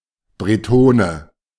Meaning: Breton (one from Brittany)
- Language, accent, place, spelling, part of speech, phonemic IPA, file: German, Germany, Berlin, Bretone, noun, /breˈtoːnə/, De-Bretone.ogg